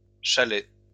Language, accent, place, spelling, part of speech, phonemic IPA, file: French, France, Lyon, chalets, noun, /ʃa.lɛ/, LL-Q150 (fra)-chalets.wav
- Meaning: plural of chalet